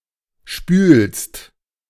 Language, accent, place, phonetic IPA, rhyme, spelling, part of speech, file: German, Germany, Berlin, [ʃpyːlst], -yːlst, spülst, verb, De-spülst.ogg
- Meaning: second-person singular present of spülen